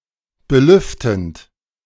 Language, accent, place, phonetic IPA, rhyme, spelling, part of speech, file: German, Germany, Berlin, [bəˈlʏftn̩t], -ʏftn̩t, belüftend, verb, De-belüftend.ogg
- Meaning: present participle of belüften